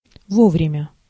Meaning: 1. in time, on time, timely 2. opportunely, timely (at the right time)
- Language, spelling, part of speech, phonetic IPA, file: Russian, вовремя, adverb, [ˈvovrʲɪmʲə], Ru-вовремя.ogg